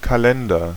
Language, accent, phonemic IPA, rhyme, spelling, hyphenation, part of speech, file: German, Germany, /kaˈlɛndɐ/, -ɛndɐ, Kalender, Ka‧len‧der, noun, De-Kalender.ogg
- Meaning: calendar (means for determining dates, including documents containing date and other time information)